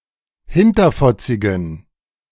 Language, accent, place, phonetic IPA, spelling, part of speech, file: German, Germany, Berlin, [ˈhɪntɐfɔt͡sɪɡn̩], hinterfotzigen, adjective, De-hinterfotzigen.ogg
- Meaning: inflection of hinterfotzig: 1. strong genitive masculine/neuter singular 2. weak/mixed genitive/dative all-gender singular 3. strong/weak/mixed accusative masculine singular 4. strong dative plural